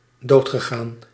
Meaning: past participle of doodgaan
- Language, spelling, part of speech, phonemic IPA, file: Dutch, doodgegaan, verb, /ˈdoːtxəˌɣaːn/, Nl-doodgegaan.ogg